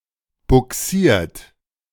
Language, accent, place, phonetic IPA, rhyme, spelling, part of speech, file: German, Germany, Berlin, [bʊˈksiːɐ̯t], -iːɐ̯t, bugsiert, verb, De-bugsiert.ogg
- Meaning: 1. past participle of bugsieren 2. inflection of bugsieren: second-person plural present 3. inflection of bugsieren: third-person singular present 4. inflection of bugsieren: plural imperative